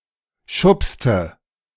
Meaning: inflection of schubsen: 1. first/third-person singular preterite 2. first/third-person singular subjunctive II
- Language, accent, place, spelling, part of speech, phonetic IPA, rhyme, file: German, Germany, Berlin, schubste, verb, [ˈʃʊpstə], -ʊpstə, De-schubste.ogg